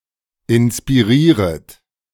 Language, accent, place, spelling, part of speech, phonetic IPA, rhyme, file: German, Germany, Berlin, inspirieret, verb, [ɪnspiˈʁiːʁət], -iːʁət, De-inspirieret.ogg
- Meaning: second-person plural subjunctive I of inspirieren